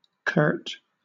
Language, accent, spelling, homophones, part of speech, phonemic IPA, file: English, Southern England, curt, Kurt, adjective / verb, /kɜːt/, LL-Q1860 (eng)-curt.wav
- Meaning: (adjective) 1. Brief or terse, especially to the point of being rude 2. Short or concise; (verb) To cut, cut short, shorten